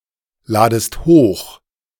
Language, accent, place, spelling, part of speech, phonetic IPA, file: German, Germany, Berlin, ladest hoch, verb, [ˌlaːdəst ˈhoːx], De-ladest hoch.ogg
- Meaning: second-person singular subjunctive I of hochladen